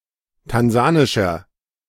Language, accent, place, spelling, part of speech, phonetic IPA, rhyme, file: German, Germany, Berlin, tansanischer, adjective, [tanˈzaːnɪʃɐ], -aːnɪʃɐ, De-tansanischer.ogg
- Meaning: inflection of tansanisch: 1. strong/mixed nominative masculine singular 2. strong genitive/dative feminine singular 3. strong genitive plural